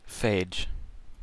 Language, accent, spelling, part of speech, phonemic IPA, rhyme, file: English, US, phage, noun, /feɪd͡ʒ/, -eɪdʒ, En-us-phage.ogg
- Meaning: A virus that is parasitic on bacteria